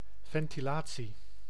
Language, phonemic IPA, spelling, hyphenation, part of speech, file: Dutch, /vɛn.tiˈlaː.(t)si/, ventilatie, ven‧ti‧la‧tie, noun, Nl-ventilatie.ogg
- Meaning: 1. ventilation (replacement of stale air with fresh) 2. ventilation (exchange of views during a discussion) 3. (public exposure of an issue or topic)